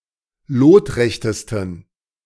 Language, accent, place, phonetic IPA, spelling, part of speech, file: German, Germany, Berlin, [ˈloːtˌʁɛçtəstn̩], lotrechtesten, adjective, De-lotrechtesten.ogg
- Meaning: 1. superlative degree of lotrecht 2. inflection of lotrecht: strong genitive masculine/neuter singular superlative degree